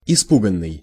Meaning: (verb) past passive perfective participle of испуга́ть (ispugátʹ); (adjective) frightened, scared, afraid
- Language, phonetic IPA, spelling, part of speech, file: Russian, [ɪˈspuɡən(ː)ɨj], испуганный, verb / adjective, Ru-испуганный.ogg